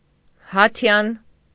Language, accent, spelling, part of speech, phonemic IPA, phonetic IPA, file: Armenian, Eastern Armenian, հաթյան, adjective, /hɑˈtʰjɑn/, [hɑtʰjɑ́n], Hy-հաթյան.ogg
- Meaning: Hittite